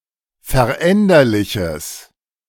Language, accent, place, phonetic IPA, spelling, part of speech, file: German, Germany, Berlin, [fɛɐ̯ˈʔɛndɐlɪçəs], veränderliches, adjective, De-veränderliches.ogg
- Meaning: strong/mixed nominative/accusative neuter singular of veränderlich